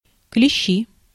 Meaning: nominative plural of клещ (klešč)
- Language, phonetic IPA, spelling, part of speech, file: Russian, [klʲɪˈɕːi], клещи, noun, Ru-клещи.ogg